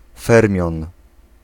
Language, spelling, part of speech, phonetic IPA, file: Polish, fermion, noun, [ˈfɛrmʲjɔ̃n], Pl-fermion.ogg